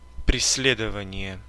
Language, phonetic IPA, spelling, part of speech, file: Russian, [prʲɪs⁽ʲ⁾ˈlʲedəvənʲɪje], преследование, noun, Ru-преследование.ogg
- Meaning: pursuit, chase, prosecution, persecution